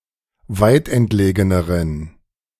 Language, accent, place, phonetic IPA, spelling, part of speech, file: German, Germany, Berlin, [ˈvaɪ̯tʔɛntˌleːɡənəʁən], weitentlegeneren, adjective, De-weitentlegeneren.ogg
- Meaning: inflection of weitentlegen: 1. strong genitive masculine/neuter singular comparative degree 2. weak/mixed genitive/dative all-gender singular comparative degree